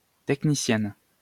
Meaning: female equivalent of technicien
- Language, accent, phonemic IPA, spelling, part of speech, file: French, France, /tɛk.ni.sjɛn/, technicienne, noun, LL-Q150 (fra)-technicienne.wav